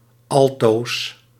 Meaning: always
- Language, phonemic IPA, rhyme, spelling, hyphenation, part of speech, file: Dutch, /ɑlˈtoːs/, -oːs, altoos, al‧toos, adverb, Nl-altoos.ogg